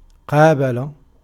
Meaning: 1. to stand exactly opposite, to be opposite, to be face to face 2. to confront, to face, to counter 3. to meet, to encounter, to visit, to call on
- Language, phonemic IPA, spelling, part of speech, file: Arabic, /qaː.ba.la/, قابل, verb, Ar-قابل.ogg